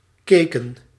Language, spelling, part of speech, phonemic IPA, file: Dutch, keken, verb, /ˈkekə(n)/, Nl-keken.ogg
- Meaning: inflection of kijken: 1. plural past indicative 2. plural past subjunctive